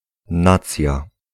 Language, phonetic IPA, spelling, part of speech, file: Polish, [ˈnat͡sʲja], nacja, noun, Pl-nacja.ogg